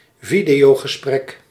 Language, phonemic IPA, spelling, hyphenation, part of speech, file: Dutch, /ˈvi.di.oː.ɣəˌsprɛk/, videogesprek, vi‧deo‧ge‧sprek, noun, Nl-videogesprek.ogg
- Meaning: video call